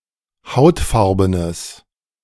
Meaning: strong/mixed nominative/accusative neuter singular of hautfarben
- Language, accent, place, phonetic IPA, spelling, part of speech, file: German, Germany, Berlin, [ˈhaʊ̯tˌfaʁbənəs], hautfarbenes, adjective, De-hautfarbenes.ogg